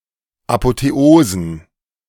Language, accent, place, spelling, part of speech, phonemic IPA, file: German, Germany, Berlin, Apotheosen, noun, /apoteˈoːzən/, De-Apotheosen.ogg
- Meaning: plural of Apotheose